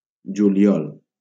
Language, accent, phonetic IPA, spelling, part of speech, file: Catalan, Valencia, [d͡ʒu.liˈɔl], juliol, noun, LL-Q7026 (cat)-juliol.wav
- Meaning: July